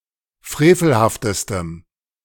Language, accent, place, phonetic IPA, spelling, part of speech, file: German, Germany, Berlin, [ˈfʁeːfl̩haftəstəm], frevelhaftestem, adjective, De-frevelhaftestem.ogg
- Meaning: strong dative masculine/neuter singular superlative degree of frevelhaft